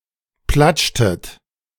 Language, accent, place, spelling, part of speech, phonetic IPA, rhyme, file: German, Germany, Berlin, platschtet, verb, [ˈplat͡ʃtət], -at͡ʃtət, De-platschtet.ogg
- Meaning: inflection of platschen: 1. second-person plural preterite 2. second-person plural subjunctive II